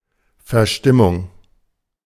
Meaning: bad mood
- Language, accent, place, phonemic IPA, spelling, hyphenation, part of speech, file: German, Germany, Berlin, /fɛɐ̯ˈʃtɪmʊŋ/, Verstimmung, Ver‧stim‧mung, noun, De-Verstimmung.ogg